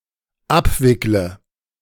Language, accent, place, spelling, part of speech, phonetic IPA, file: German, Germany, Berlin, abwickle, verb, [ˈapˌvɪklə], De-abwickle.ogg
- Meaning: inflection of abwickeln: 1. first-person singular dependent present 2. first/third-person singular dependent subjunctive I